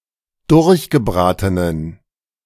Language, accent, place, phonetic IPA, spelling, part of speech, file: German, Germany, Berlin, [ˈdʊʁçɡəˌbʁaːtənən], durchgebratenen, adjective, De-durchgebratenen.ogg
- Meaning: inflection of durchgebraten: 1. strong genitive masculine/neuter singular 2. weak/mixed genitive/dative all-gender singular 3. strong/weak/mixed accusative masculine singular 4. strong dative plural